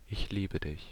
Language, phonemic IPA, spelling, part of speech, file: German, /ˈʔɪç ˈliːbə ˌdɪç/, ich liebe dich, phrase, De-Ich liebe Dich.ogg
- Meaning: I love you